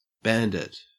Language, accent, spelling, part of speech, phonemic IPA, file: English, Australia, bandit, noun / verb, /ˈbændɪt/, En-au-bandit.ogg
- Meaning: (noun) 1. One who robs others in a lawless area, especially as part of a group 2. An outlaw 3. One who cheats others